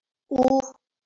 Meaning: The fifth vowel in Marathi
- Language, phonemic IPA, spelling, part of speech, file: Marathi, /u/, उ, character, LL-Q1571 (mar)-उ.wav